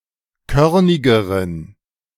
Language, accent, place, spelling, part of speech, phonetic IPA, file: German, Germany, Berlin, körnigeren, adjective, [ˈkœʁnɪɡəʁən], De-körnigeren.ogg
- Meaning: inflection of körnig: 1. strong genitive masculine/neuter singular comparative degree 2. weak/mixed genitive/dative all-gender singular comparative degree